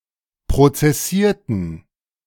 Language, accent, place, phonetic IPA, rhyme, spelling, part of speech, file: German, Germany, Berlin, [pʁot͡sɛˈsiːɐ̯tn̩], -iːɐ̯tn̩, prozessierten, verb, De-prozessierten.ogg
- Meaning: inflection of prozessieren: 1. first/third-person plural preterite 2. first/third-person plural subjunctive II